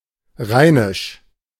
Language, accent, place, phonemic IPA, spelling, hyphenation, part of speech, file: German, Germany, Berlin, /ˈʁaɪ̯nɪʃ/, rheinisch, rhei‧nisch, adjective, De-rheinisch.ogg
- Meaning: 1. of the Rhine, Rhenish 2. of the Rhineland, Rhinelandic